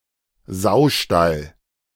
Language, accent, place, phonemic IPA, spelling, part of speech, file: German, Germany, Berlin, /ˈzaʊ̯ˌʃtal/, Saustall, noun, De-Saustall.ogg
- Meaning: 1. pigsty (shelter where pigs are kept) 2. pigsty (dirty or very untidy place)